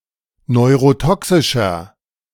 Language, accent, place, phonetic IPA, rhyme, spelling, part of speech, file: German, Germany, Berlin, [nɔɪ̯ʁoˈtɔksɪʃɐ], -ɔksɪʃɐ, neurotoxischer, adjective, De-neurotoxischer.ogg
- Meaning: inflection of neurotoxisch: 1. strong/mixed nominative masculine singular 2. strong genitive/dative feminine singular 3. strong genitive plural